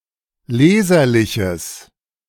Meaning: strong/mixed nominative/accusative neuter singular of leserlich
- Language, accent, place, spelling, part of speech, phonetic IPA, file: German, Germany, Berlin, leserliches, adjective, [ˈleːzɐlɪçəs], De-leserliches.ogg